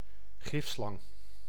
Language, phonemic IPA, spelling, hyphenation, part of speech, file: Dutch, /ˈɣɪf.slɑŋ/, gifslang, gif‧slang, noun, Nl-gifslang.ogg
- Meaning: a venomous snake, poisonous serpent